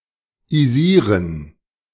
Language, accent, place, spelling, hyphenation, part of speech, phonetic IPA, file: German, Germany, Berlin, -isieren, -i‧sie‧ren, suffix, [iˈziːɐ̯n], De--isieren.ogg
- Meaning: -ize/-ise